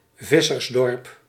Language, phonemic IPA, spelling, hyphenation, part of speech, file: Dutch, /ˈvɪ.sərsˌdɔrp/, vissersdorp, vis‧sers‧dorp, noun, Nl-vissersdorp.ogg
- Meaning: fishing village